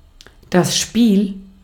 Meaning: 1. a game (instance or way of playing) 2. gameplay, the experience or act of playing 3. backlash, lash, play, slack (certain looseness of components, often intended) 4. leeway, wiggle room
- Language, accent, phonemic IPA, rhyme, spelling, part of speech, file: German, Austria, /ʃpiːl/, -iːl, Spiel, noun, De-at-Spiel.ogg